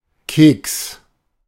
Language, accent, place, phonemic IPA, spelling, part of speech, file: German, Germany, Berlin, /keːks/, Keks, noun, De-Keks.ogg
- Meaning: cookie (US), biscuit (UK)